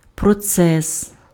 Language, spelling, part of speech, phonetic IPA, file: Ukrainian, процес, noun, [prɔˈt͡sɛs], Uk-процес.ogg
- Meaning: 1. process 2. trial, proceedings